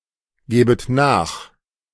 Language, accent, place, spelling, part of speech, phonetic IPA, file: German, Germany, Berlin, gebet nach, verb, [ˌɡeːbət ˈnaːx], De-gebet nach.ogg
- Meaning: second-person plural subjunctive I of nachgeben